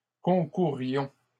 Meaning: inflection of concourir: 1. first-person plural imperfect indicative 2. first-person plural present subjunctive
- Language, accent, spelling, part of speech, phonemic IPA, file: French, Canada, concourions, verb, /kɔ̃.ku.ʁjɔ̃/, LL-Q150 (fra)-concourions.wav